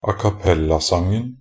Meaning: definite singular of acappellasang
- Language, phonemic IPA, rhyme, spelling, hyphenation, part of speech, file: Norwegian Bokmål, /akaˈpɛlːasaŋn̩/, -aŋn̩, acappellasangen, a‧cap‧pel‧la‧sang‧en, noun, Nb-acappellasangen.ogg